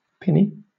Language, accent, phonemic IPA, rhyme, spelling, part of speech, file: English, Southern England, /ˈpɪni/, -ɪni, pinny, noun, LL-Q1860 (eng)-pinny.wav
- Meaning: 1. A sleeveless dress, often similar to an apron, generally worn over other clothes 2. A colourful polyester or plastic vest worn over one's clothes, usually to mark one's team during group activities